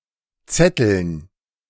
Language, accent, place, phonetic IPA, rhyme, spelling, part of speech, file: German, Germany, Berlin, [ˈt͡sɛtl̩n], -ɛtl̩n, Zetteln, noun, De-Zetteln.ogg
- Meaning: 1. dative plural of Zettel 2. gerund of zetteln